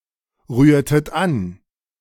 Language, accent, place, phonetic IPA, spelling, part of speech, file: German, Germany, Berlin, [ˌʁyːɐ̯tət ˈan], rührtet an, verb, De-rührtet an.ogg
- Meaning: inflection of anrühren: 1. second-person plural preterite 2. second-person plural subjunctive II